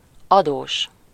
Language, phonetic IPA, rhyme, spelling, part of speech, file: Hungarian, [ˈɒdoːʃ], -oːʃ, adós, adjective / noun, Hu-adós.ogg
- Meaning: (adjective) indebted; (noun) debtor